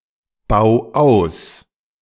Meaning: 1. singular imperative of ausbauen 2. first-person singular present of ausbauen
- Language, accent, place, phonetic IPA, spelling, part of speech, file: German, Germany, Berlin, [ˌbaʊ̯ ˈaʊ̯s], bau aus, verb, De-bau aus.ogg